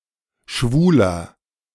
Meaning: 1. gay man 2. gay, homosexual (of unspecified gender) 3. inflection of Schwule: strong genitive/dative singular 4. inflection of Schwule: strong genitive plural
- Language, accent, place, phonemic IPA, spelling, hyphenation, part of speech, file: German, Germany, Berlin, /ˈʃvuːlɐ/, Schwuler, Schwu‧ler, noun, De-Schwuler.ogg